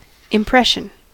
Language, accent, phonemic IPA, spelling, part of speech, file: English, US, /ɪmˈpɹɛʃn̩/, impression, noun / verb, En-us-impression.ogg
- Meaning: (noun) 1. The indentation or depression made by the pressure of one object on or into another 2. The overall effect of something, e.g., on a person 3. A vague recalling of an event, a belief